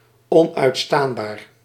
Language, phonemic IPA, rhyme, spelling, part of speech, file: Dutch, /ˌɔn.œy̯tˈstaːn.baːr/, -aːnbaːr, onuitstaanbaar, adjective, Nl-onuitstaanbaar.ogg
- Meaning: unbearable, intolerable